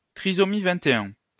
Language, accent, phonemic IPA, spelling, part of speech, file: French, France, /tʁi.zɔ.mi vɛ̃.t‿e.œ̃/, trisomie 21, noun, LL-Q150 (fra)-trisomie 21.wav
- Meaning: trisomy 21, Down's syndrome, Down syndrome